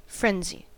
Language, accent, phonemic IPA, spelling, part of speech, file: English, US, /ˈfɹɛnzi/, frenzy, noun / adjective / verb, En-us-frenzy.ogg
- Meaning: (noun) 1. A state of wild activity or panic 2. A violent agitation of the mind approaching madness; rage; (adjective) Mad; frantic; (verb) To render frantic